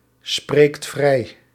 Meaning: inflection of vrijspreken: 1. second/third-person singular present indicative 2. plural imperative
- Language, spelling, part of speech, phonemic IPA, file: Dutch, spreekt vrij, verb, /ˈsprekt ˈvrɛi/, Nl-spreekt vrij.ogg